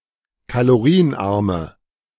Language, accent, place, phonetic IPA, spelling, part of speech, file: German, Germany, Berlin, [kaloˈʁiːənˌʔaʁmə], kalorienarme, adjective, De-kalorienarme.ogg
- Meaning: inflection of kalorienarm: 1. strong/mixed nominative/accusative feminine singular 2. strong nominative/accusative plural 3. weak nominative all-gender singular